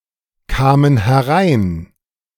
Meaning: inflection of hereinkommen: 1. first/third-person plural preterite 2. first/third-person plural subjunctive II
- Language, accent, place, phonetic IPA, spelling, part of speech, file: German, Germany, Berlin, [ˌkaːmən hɛˈʁaɪ̯n], kamen herein, verb, De-kamen herein.ogg